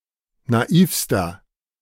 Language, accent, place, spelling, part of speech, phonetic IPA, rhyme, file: German, Germany, Berlin, naivster, adjective, [naˈiːfstɐ], -iːfstɐ, De-naivster.ogg
- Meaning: inflection of naiv: 1. strong/mixed nominative masculine singular superlative degree 2. strong genitive/dative feminine singular superlative degree 3. strong genitive plural superlative degree